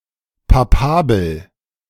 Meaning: papabile
- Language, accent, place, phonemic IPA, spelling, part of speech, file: German, Germany, Berlin, /paˈpaːbl̩/, papabel, adjective, De-papabel.ogg